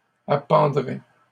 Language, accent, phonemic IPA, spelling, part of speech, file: French, Canada, /a.pɑ̃.dʁɛ/, appendraient, verb, LL-Q150 (fra)-appendraient.wav
- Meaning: third-person plural conditional of appendre